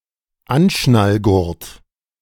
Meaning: seat belt
- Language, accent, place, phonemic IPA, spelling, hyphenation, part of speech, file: German, Germany, Berlin, /ˈanʃnalˌɡʊʁt/, Anschnallgurt, An‧schnall‧gurt, noun, De-Anschnallgurt.ogg